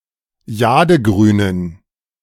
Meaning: inflection of jadegrün: 1. strong genitive masculine/neuter singular 2. weak/mixed genitive/dative all-gender singular 3. strong/weak/mixed accusative masculine singular 4. strong dative plural
- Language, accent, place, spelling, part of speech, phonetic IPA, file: German, Germany, Berlin, jadegrünen, adjective, [ˈjaːdəˌɡʁyːnən], De-jadegrünen.ogg